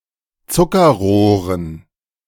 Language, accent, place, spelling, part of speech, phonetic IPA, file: German, Germany, Berlin, Zuckerrohren, noun, [ˈt͡sʊkɐˌʁoːʁən], De-Zuckerrohren.ogg
- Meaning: dative plural of Zuckerrohr